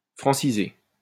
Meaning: to Frenchify
- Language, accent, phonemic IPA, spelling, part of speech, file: French, France, /fʁɑ̃.si.ze/, franciser, verb, LL-Q150 (fra)-franciser.wav